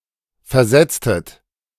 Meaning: inflection of versetzen: 1. second-person plural preterite 2. second-person plural subjunctive II
- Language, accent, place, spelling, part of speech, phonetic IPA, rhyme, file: German, Germany, Berlin, versetztet, verb, [fɛɐ̯ˈzɛt͡stət], -ɛt͡stət, De-versetztet.ogg